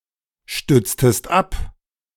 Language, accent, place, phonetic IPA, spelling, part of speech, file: German, Germany, Berlin, [ˌʃtʏt͡stəst ˈap], stütztest ab, verb, De-stütztest ab.ogg
- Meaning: inflection of abstützen: 1. second-person singular preterite 2. second-person singular subjunctive II